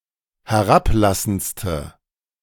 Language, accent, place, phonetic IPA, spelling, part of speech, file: German, Germany, Berlin, [hɛˈʁapˌlasn̩t͡stə], herablassendste, adjective, De-herablassendste.ogg
- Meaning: inflection of herablassend: 1. strong/mixed nominative/accusative feminine singular superlative degree 2. strong nominative/accusative plural superlative degree